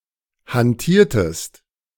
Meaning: inflection of hantieren: 1. second-person singular preterite 2. second-person singular subjunctive II
- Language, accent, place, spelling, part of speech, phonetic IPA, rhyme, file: German, Germany, Berlin, hantiertest, verb, [hanˈtiːɐ̯təst], -iːɐ̯təst, De-hantiertest.ogg